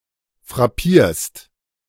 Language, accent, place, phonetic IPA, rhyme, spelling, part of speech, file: German, Germany, Berlin, [fʁaˈpiːɐ̯st], -iːɐ̯st, frappierst, verb, De-frappierst.ogg
- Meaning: second-person singular present of frappieren